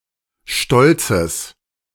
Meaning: genitive singular of Stolz
- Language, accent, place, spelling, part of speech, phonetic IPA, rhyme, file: German, Germany, Berlin, Stolzes, noun, [ˈʃtɔlt͡səs], -ɔlt͡səs, De-Stolzes.ogg